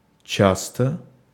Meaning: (adverb) 1. frequently, often 2. close, thickly; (adjective) short neuter singular of ча́стый (částyj)
- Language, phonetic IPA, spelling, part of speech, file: Russian, [ˈt͡ɕastə], часто, adverb / adjective, Ru-часто.ogg